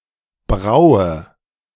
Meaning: eyebrow
- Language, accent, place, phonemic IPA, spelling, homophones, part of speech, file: German, Germany, Berlin, /ˈbʁaʊ̯ə/, Braue, braue, noun, De-Braue.ogg